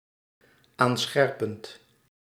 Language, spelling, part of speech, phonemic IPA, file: Dutch, aanscherpend, verb, /ˈansxɛrpənt/, Nl-aanscherpend.ogg
- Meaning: present participle of aanscherpen